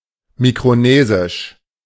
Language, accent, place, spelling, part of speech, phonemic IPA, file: German, Germany, Berlin, mikronesisch, adjective, /ˌmikʁoˈneːzɪʃ/, De-mikronesisch.ogg
- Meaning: Micronesian (of, from, or pertaining to Micronesia or the Micronesian people)